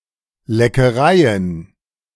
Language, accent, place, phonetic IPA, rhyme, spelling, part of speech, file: German, Germany, Berlin, [lɛkəˈʁaɪ̯ən], -aɪ̯ən, Leckereien, noun, De-Leckereien.ogg
- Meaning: plural of Leckerei